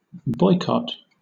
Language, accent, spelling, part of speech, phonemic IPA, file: English, Southern England, boycott, verb / noun, /ˈbɔɪkɒt/, LL-Q1860 (eng)-boycott.wav
- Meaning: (verb) To abstain, either as an individual or a group, from using, buying, or dealing with someone or some organization as an expression of protest; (noun) The act of boycotting